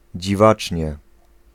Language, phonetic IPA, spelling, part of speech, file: Polish, [d͡ʑiˈvat͡ʃʲɲɛ], dziwacznie, adverb, Pl-dziwacznie.ogg